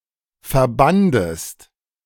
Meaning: second-person singular preterite of verbinden
- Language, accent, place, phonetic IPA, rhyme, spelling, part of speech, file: German, Germany, Berlin, [fɛɐ̯ˈbandəst], -andəst, verbandest, verb, De-verbandest.ogg